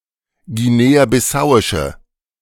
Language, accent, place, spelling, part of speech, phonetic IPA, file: German, Germany, Berlin, guinea-bissauische, adjective, [ɡiˌneːaːbɪˈsaʊ̯ɪʃə], De-guinea-bissauische.ogg
- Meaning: inflection of guinea-bissauisch: 1. strong/mixed nominative/accusative feminine singular 2. strong nominative/accusative plural 3. weak nominative all-gender singular